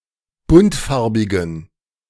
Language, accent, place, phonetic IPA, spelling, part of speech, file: German, Germany, Berlin, [ˈbʊntˌfaʁbɪɡn̩], buntfarbigen, adjective, De-buntfarbigen.ogg
- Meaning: inflection of buntfarbig: 1. strong genitive masculine/neuter singular 2. weak/mixed genitive/dative all-gender singular 3. strong/weak/mixed accusative masculine singular 4. strong dative plural